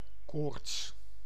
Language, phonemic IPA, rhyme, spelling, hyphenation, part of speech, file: Dutch, /koːrts/, -oːrts, koorts, koorts, noun, Nl-koorts.ogg
- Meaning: 1. fever, illness or symptom 2. feverish obsession